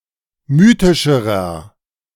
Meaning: inflection of mythisch: 1. strong/mixed nominative masculine singular comparative degree 2. strong genitive/dative feminine singular comparative degree 3. strong genitive plural comparative degree
- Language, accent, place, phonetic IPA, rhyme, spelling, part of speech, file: German, Germany, Berlin, [ˈmyːtɪʃəʁɐ], -yːtɪʃəʁɐ, mythischerer, adjective, De-mythischerer.ogg